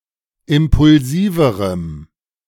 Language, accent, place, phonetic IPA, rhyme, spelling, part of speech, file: German, Germany, Berlin, [ˌɪmpʊlˈziːvəʁəm], -iːvəʁəm, impulsiverem, adjective, De-impulsiverem.ogg
- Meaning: strong dative masculine/neuter singular comparative degree of impulsiv